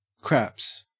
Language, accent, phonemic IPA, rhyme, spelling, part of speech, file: English, Australia, /kɹæps/, -æps, craps, noun / verb, En-au-craps.ogg
- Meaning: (noun) 1. A game of gambling, or chance, where the players throw dice to make scores and avoid crap 2. plural of crap 3. (preceded by the) diarrhea